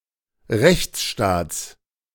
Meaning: genitive singular of Rechtsstaat
- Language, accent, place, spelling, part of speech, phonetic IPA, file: German, Germany, Berlin, Rechtsstaats, noun, [ˈʁɛçt͡sˌʃtaːt͡s], De-Rechtsstaats.ogg